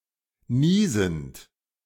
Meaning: present participle of niesen
- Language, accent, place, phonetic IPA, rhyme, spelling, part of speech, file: German, Germany, Berlin, [ˈniːzn̩t], -iːzn̩t, niesend, verb, De-niesend.ogg